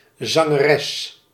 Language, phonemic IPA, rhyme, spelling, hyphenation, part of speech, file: Dutch, /zɑŋəˈrɛs/, -ɛs, zangeres, zan‧ge‧res, noun, Nl-zangeres.ogg
- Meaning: female singer; songstress, singeress